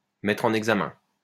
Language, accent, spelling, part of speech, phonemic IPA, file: French, France, mettre en examen, verb, /mɛ.tʁ‿ɑ̃.n‿ɛɡ.za.mɛ̃/, LL-Q150 (fra)-mettre en examen.wav
- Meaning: to indict